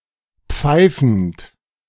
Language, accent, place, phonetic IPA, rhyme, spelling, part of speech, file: German, Germany, Berlin, [ˈp͡faɪ̯fn̩t], -aɪ̯fn̩t, pfeifend, verb, De-pfeifend.ogg
- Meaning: present participle of pfeifen